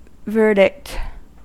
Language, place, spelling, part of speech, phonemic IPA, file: English, California, verdict, noun, /ˈvɝ.dɪkt/, En-us-verdict.ogg
- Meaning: 1. A decision on an issue of fact in a civil or criminal case or an inquest 2. An opinion or judgement